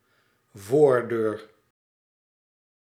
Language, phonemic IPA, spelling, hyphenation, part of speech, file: Dutch, /ˈvoːr.døːr/, voordeur, voor‧deur, noun, Nl-voordeur.ogg
- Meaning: front door